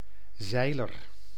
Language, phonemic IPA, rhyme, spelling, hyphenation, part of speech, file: Dutch, /ˈzɛi̯.lər/, -ɛi̯lər, zeiler, zei‧ler, noun, Nl-zeiler.ogg
- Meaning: a yachtsman, a sailor (on a sailing vessel)